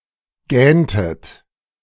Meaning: inflection of gähnen: 1. second-person plural preterite 2. second-person plural subjunctive II
- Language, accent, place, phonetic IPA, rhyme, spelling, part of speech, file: German, Germany, Berlin, [ˈɡɛːntət], -ɛːntət, gähntet, verb, De-gähntet.ogg